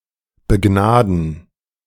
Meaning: to show mercy, to show grace (to someone)
- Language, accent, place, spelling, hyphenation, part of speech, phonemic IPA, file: German, Germany, Berlin, begnaden, be‧gna‧den, verb, /bəˈɡnaːdn̩/, De-begnaden.ogg